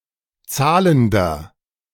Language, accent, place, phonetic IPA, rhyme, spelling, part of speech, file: German, Germany, Berlin, [ˈt͡saːləndɐ], -aːləndɐ, zahlender, adjective, De-zahlender.ogg
- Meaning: inflection of zahlend: 1. strong/mixed nominative masculine singular 2. strong genitive/dative feminine singular 3. strong genitive plural